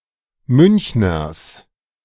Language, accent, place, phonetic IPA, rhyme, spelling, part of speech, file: German, Germany, Berlin, [ˈmʏnçnɐs], -ʏnçnɐs, Münchners, noun, De-Münchners.ogg
- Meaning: plural of Münchner